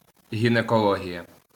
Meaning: gynaecology (UK), gynecology (US)
- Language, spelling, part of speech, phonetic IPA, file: Ukrainian, гінекологія, noun, [ɦʲinekɔˈɫɔɦʲijɐ], LL-Q8798 (ukr)-гінекологія.wav